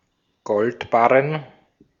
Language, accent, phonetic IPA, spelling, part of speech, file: German, Austria, [ˈɡɔltˌbaʁən], Goldbarren, noun, De-at-Goldbarren.ogg
- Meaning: bullion (gold bars)